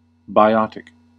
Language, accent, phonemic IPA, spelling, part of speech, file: English, US, /baɪˈɑ.tɪk/, biotic, adjective / noun, En-us-biotic.ogg
- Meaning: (adjective) 1. Of, pertaining to, or produced by life or living organisms 2. Misspelling of biontic